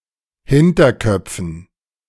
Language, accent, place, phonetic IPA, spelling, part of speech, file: German, Germany, Berlin, [ˈhɪntɐˌkœp͡fn̩], Hinterköpfen, noun, De-Hinterköpfen.ogg
- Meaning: dative plural of Hinterkopf